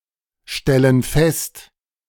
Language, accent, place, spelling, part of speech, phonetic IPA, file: German, Germany, Berlin, stellen fest, verb, [ˌʃtɛlən ˈfɛst], De-stellen fest.ogg
- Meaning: inflection of feststellen: 1. first/third-person plural present 2. first/third-person plural subjunctive I